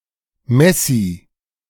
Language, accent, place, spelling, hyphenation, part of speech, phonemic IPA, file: German, Germany, Berlin, Messie, Mes‧sie, noun, /ˈmɛsi/, De-Messie.ogg
- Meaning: compulsive hoarder